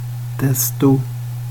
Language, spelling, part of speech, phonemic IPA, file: Swedish, desto, adverb, /ˈdɛstʊ/, Sv-desto.ogg
- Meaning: 1. the, all the (with a comparative) 2. the, all the (with a comparative): Forms a parallel comparative with ju